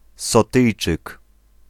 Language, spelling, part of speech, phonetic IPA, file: Polish, Sotyjczyk, noun, [sɔˈtɨjt͡ʃɨk], Pl-Sotyjczyk.ogg